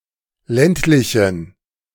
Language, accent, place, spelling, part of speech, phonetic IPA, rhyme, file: German, Germany, Berlin, ländlichen, adjective, [ˈlɛntlɪçn̩], -ɛntlɪçn̩, De-ländlichen.ogg
- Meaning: inflection of ländlich: 1. strong genitive masculine/neuter singular 2. weak/mixed genitive/dative all-gender singular 3. strong/weak/mixed accusative masculine singular 4. strong dative plural